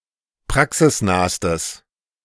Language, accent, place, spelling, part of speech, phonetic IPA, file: German, Germany, Berlin, praxisnahstes, adjective, [ˈpʁaksɪsˌnaːstəs], De-praxisnahstes.ogg
- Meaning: strong/mixed nominative/accusative neuter singular superlative degree of praxisnah